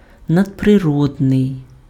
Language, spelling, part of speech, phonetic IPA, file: Ukrainian, надприродний, adjective, [nɐdpreˈrɔdnei̯], Uk-надприродний.ogg
- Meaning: supernatural